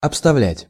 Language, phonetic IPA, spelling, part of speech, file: Russian, [ɐpstɐˈvlʲætʲ], обставлять, verb, Ru-обставлять.ogg
- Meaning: 1. to surround (with), to encircle (with) 2. to furnish 3. to arrange 4. to trick, to cheat 5. to get ahead (of) 6. to beat, to defeat